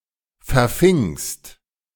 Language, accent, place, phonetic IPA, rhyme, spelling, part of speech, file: German, Germany, Berlin, [fɛɐ̯ˈfɪŋst], -ɪŋst, verfingst, verb, De-verfingst.ogg
- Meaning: second-person singular preterite of verfangen